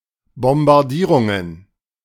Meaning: plural of Bombardierung
- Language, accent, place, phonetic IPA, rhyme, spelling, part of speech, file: German, Germany, Berlin, [bɔmbaʁˈdiːʁʊŋən], -iːʁʊŋən, Bombardierungen, noun, De-Bombardierungen.ogg